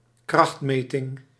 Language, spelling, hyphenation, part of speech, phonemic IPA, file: Dutch, krachtmeting, kracht‧me‧ting, noun, /ˈkrɑxtˌmeː.tɪŋ/, Nl-krachtmeting.ogg
- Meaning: contest of strength, showdown